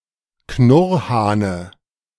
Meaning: dative singular of Knurrhahn
- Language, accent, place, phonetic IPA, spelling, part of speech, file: German, Germany, Berlin, [ˈknʊʁhaːnə], Knurrhahne, noun, De-Knurrhahne.ogg